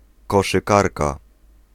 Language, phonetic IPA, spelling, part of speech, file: Polish, [ˌkɔʃɨˈkarka], koszykarka, noun, Pl-koszykarka.ogg